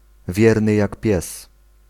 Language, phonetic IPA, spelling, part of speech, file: Polish, [ˈvʲjɛrnɨ ˈjak ˈpʲjɛs], wierny jak pies, adjectival phrase, Pl-wierny jak pies.ogg